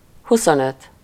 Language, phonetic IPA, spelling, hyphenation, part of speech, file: Hungarian, [ˈhusonøt], huszonöt, hu‧szon‧öt, numeral, Hu-huszonöt.ogg
- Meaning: twenty-five